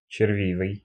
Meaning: 1. wormy; grubby 2. infested with maggots
- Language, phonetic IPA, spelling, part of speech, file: Russian, [t͡ɕɪrˈvʲivɨj], червивый, adjective, Ru-червивый.ogg